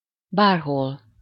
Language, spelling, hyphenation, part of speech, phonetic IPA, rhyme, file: Hungarian, bárhol, bár‧hol, adverb, [ˈbaːrɦol], -ol, Hu-bárhol.ogg
- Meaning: anywhere (at any place)